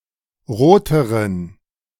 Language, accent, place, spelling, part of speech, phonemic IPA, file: German, Germany, Berlin, roteren, adjective, /ˈʁoːtəʁən/, De-roteren.ogg
- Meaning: inflection of rot: 1. strong genitive masculine/neuter singular comparative degree 2. weak/mixed genitive/dative all-gender singular comparative degree